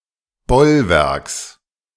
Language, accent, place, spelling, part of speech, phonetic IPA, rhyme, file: German, Germany, Berlin, Bollwerks, noun, [ˈbɔlˌvɛʁks], -ɔlvɛʁks, De-Bollwerks.ogg
- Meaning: genitive singular of Bollwerk